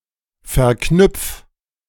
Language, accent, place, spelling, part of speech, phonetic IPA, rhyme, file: German, Germany, Berlin, verknüpf, verb, [fɛɐ̯ˈknʏp͡f], -ʏp͡f, De-verknüpf.ogg
- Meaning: 1. singular imperative of verknüpfen 2. first-person singular present of verknüpfen